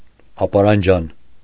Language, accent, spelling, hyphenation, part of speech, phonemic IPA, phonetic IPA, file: Armenian, Eastern Armenian, ապարանջան, ա‧պա‧րան‧ջան, noun, /ɑpɑɾɑnˈd͡ʒɑn/, [ɑpɑɾɑnd͡ʒɑ́n], Hy-ապարանջան.ogg
- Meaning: bracelet